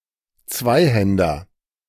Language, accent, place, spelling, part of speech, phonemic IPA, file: German, Germany, Berlin, Zweihänder, noun, /ˈt͡svaɪ̯ˌhɛndɐ/, De-Zweihänder.ogg
- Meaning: Zweihänder (14th century two-handed sword)